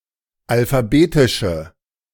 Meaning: inflection of alphabetisch: 1. strong/mixed nominative/accusative feminine singular 2. strong nominative/accusative plural 3. weak nominative all-gender singular
- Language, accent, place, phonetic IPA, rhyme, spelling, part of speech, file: German, Germany, Berlin, [alfaˈbeːtɪʃə], -eːtɪʃə, alphabetische, adjective, De-alphabetische.ogg